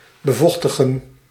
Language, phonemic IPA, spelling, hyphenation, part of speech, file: Dutch, /bəˈvɔx.tə.ɣə(n)/, bevochtigen, be‧voch‧ti‧gen, verb, Nl-bevochtigen.ogg
- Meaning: 1. to wet, to dampen 2. to moisturize